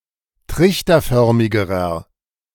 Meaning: inflection of trichterförmig: 1. strong/mixed nominative masculine singular comparative degree 2. strong genitive/dative feminine singular comparative degree
- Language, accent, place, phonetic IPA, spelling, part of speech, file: German, Germany, Berlin, [ˈtʁɪçtɐˌfœʁmɪɡəʁɐ], trichterförmigerer, adjective, De-trichterförmigerer.ogg